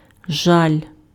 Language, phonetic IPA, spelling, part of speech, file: Ukrainian, [ʒalʲ], жаль, noun / adjective, Uk-жаль.ogg
- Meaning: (noun) 1. regret, grief, sorrow (emotional pain on account of something done or experienced in the past, with a wish that it had been different) 2. pity; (adjective) a pity